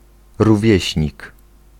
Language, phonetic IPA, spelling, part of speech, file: Polish, [ruˈvʲjɛ̇ɕɲik], rówieśnik, noun, Pl-rówieśnik.ogg